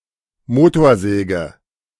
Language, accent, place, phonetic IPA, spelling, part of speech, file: German, Germany, Berlin, [ˈmoːtoːɐ̯ˌzɛːɡə], Motorsäge, noun, De-Motorsäge.ogg
- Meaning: chainsaw